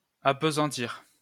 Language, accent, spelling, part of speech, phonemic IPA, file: French, France, appesantir, verb, /ap.zɑ̃.tiʁ/, LL-Q150 (fra)-appesantir.wav
- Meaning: 1. to weigh down 2. to dull 3. to condemn 4. to get bogged down (with)